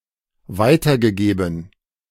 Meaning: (verb) past participle of weitergeben; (adjective) 1. forwarded 2. imparted
- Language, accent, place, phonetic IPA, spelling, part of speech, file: German, Germany, Berlin, [ˈvaɪ̯tɐɡəˌɡeːbn̩], weitergegeben, verb, De-weitergegeben.ogg